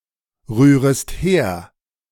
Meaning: second-person singular subjunctive I of herrühren
- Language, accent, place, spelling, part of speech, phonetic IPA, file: German, Germany, Berlin, rührest her, verb, [ˌʁyːʁəst ˈheːɐ̯], De-rührest her.ogg